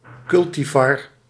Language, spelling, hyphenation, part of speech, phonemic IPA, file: Dutch, cultivar, cul‧ti‧var, noun, /ˈkʏl.tiˌvɑr/, Nl-cultivar.ogg
- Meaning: cultivar